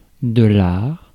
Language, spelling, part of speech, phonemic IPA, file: French, art, noun, /aʁ/, Fr-art.ogg
- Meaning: art